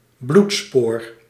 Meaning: a bloody trail, as left by a wounded creature
- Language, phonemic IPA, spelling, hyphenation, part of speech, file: Dutch, /ˈblut.spoːr/, bloedspoor, bloed‧spoor, noun, Nl-bloedspoor.ogg